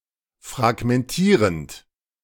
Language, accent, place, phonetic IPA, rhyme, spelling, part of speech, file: German, Germany, Berlin, [fʁaɡmɛnˈtiːʁənt], -iːʁənt, fragmentierend, verb, De-fragmentierend.ogg
- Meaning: present participle of fragmentieren